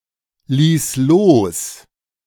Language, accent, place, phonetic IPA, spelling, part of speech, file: German, Germany, Berlin, [ˌliːs ˈloːs], ließ los, verb, De-ließ los.ogg
- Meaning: first/third-person singular preterite of loslassen